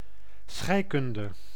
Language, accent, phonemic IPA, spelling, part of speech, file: Dutch, Netherlands, /ˈsxɛi̯.kʏn.də/, scheikunde, noun, Nl-scheikunde.ogg
- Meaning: chemistry